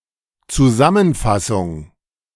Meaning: 1. summary, compilation, summing up, recapitulation 2. abstract, synopsis 3. résumé 4. précis
- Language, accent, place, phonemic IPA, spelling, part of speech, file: German, Germany, Berlin, /t͡suˈzamənˌfasʊŋ/, Zusammenfassung, noun, De-Zusammenfassung.ogg